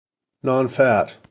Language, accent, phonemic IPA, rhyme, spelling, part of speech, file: English, US, /nɑnˈfæt/, -æt, nonfat, adjective, En-us-nonfat.ogg
- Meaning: Containing no fat; fat-free